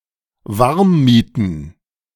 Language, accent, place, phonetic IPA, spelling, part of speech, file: German, Germany, Berlin, [ˈvaʁmˌmiːtn̩], Warmmieten, noun, De-Warmmieten.ogg
- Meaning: plural of Warmmiete